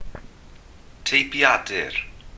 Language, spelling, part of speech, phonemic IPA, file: Welsh, teipiadur, noun, /tei̯pˈjadɨ̞r/, Cy-teipiadur.ogg
- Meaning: typewriter